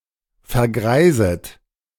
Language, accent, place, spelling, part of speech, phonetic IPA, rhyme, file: German, Germany, Berlin, vergreiset, verb, [fɛɐ̯ˈɡʁaɪ̯zət], -aɪ̯zət, De-vergreiset.ogg
- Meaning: second-person plural subjunctive I of vergreisen